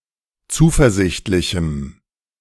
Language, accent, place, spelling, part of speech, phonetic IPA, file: German, Germany, Berlin, zuversichtlichem, adjective, [ˈt͡suːfɛɐ̯ˌzɪçtlɪçm̩], De-zuversichtlichem.ogg
- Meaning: strong dative masculine/neuter singular of zuversichtlich